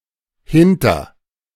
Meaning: 1. after- 2. back-
- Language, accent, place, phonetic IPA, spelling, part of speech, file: German, Germany, Berlin, [hɪntɐ], hinter-, prefix, De-hinter-.ogg